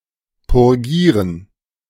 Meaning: 1. to purify, to cleanse 2. to purge (the bowels) 3. to refute, under oath, a claim; to clear oneself of an accusation via oath
- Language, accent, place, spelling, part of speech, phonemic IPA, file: German, Germany, Berlin, purgieren, verb, /pʊʁˈɡiːʁən/, De-purgieren.ogg